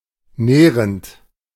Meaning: present participle of nähren
- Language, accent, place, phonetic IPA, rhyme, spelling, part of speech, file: German, Germany, Berlin, [ˈnɛːʁənt], -ɛːʁənt, nährend, verb, De-nährend.ogg